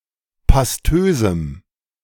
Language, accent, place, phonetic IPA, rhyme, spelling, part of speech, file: German, Germany, Berlin, [pasˈtøːzm̩], -øːzm̩, pastösem, adjective, De-pastösem.ogg
- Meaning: strong dative masculine/neuter singular of pastös